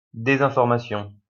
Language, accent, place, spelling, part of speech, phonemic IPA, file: French, France, Lyon, désinformation, noun, /de.zɛ̃.fɔʁ.ma.sjɔ̃/, LL-Q150 (fra)-désinformation.wav
- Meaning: disinformation, misinformation